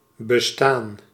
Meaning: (verb) 1. to exist, to be 2. to consist, to be made; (noun) existence; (verb) past participle of bestaan
- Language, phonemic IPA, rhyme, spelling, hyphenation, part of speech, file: Dutch, /bəˈstaːn/, -aːn, bestaan, be‧staan, verb / noun, Nl-bestaan.ogg